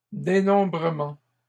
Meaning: plural of dénombrement
- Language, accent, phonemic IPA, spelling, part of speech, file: French, Canada, /de.nɔ̃.bʁə.mɑ̃/, dénombrements, noun, LL-Q150 (fra)-dénombrements.wav